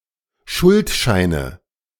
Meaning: nominative/accusative/genitive plural of Schuldschein
- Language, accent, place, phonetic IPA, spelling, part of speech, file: German, Germany, Berlin, [ˈʃʊltˌʃaɪ̯nə], Schuldscheine, noun, De-Schuldscheine.ogg